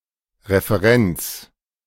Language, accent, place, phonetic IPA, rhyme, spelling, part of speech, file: German, Germany, Berlin, [ʁefəˈʁɛnt͡s], -ɛnt͡s, Referenz, noun, De-Referenz.ogg
- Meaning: 1. reference (measurement one can compare to) 2. reference